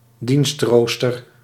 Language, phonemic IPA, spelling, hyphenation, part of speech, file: Dutch, /ˈdinstˌroːs.tər/, dienstrooster, dienst‧roos‧ter, noun, Nl-dienstrooster.ogg
- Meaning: duty roster